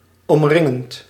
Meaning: present participle of omringen
- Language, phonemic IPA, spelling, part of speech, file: Dutch, /ɔmˈrɪŋənt/, omringend, verb / adjective, Nl-omringend.ogg